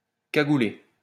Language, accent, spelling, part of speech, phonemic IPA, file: French, France, cagouler, verb, /ka.ɡu.le/, LL-Q150 (fra)-cagouler.wav
- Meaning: to wear a balaclava